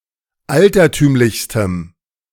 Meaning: strong dative masculine/neuter singular superlative degree of altertümlich
- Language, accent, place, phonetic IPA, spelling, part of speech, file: German, Germany, Berlin, [ˈaltɐˌtyːmlɪçstəm], altertümlichstem, adjective, De-altertümlichstem.ogg